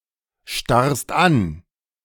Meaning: second-person singular present of anstarren
- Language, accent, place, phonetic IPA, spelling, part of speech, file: German, Germany, Berlin, [ˌʃtaʁst ˈan], starrst an, verb, De-starrst an.ogg